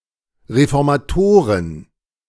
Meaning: plural of Reformator
- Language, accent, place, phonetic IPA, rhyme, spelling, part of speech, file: German, Germany, Berlin, [ʁefɔʁmaˈtoːʁən], -oːʁən, Reformatoren, noun, De-Reformatoren.ogg